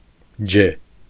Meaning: the name of the Armenian letter ջ (ǰ)
- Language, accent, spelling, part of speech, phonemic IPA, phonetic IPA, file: Armenian, Eastern Armenian, ջե, noun, /d͡ʒe/, [d͡ʒe], Hy-ջե.ogg